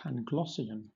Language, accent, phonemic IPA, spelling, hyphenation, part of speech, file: English, Southern England, /pænˈɡlɒsɪən/, Panglossian, Pan‧gloss‧i‧an, adjective, LL-Q1860 (eng)-Panglossian.wav
- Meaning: 1. Naively or unreasonably optimistic 2. Of or relating to the view that this is the best of all possible worlds